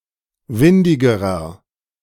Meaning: inflection of windig: 1. strong/mixed nominative masculine singular comparative degree 2. strong genitive/dative feminine singular comparative degree 3. strong genitive plural comparative degree
- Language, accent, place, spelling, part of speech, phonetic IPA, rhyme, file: German, Germany, Berlin, windigerer, adjective, [ˈvɪndɪɡəʁɐ], -ɪndɪɡəʁɐ, De-windigerer.ogg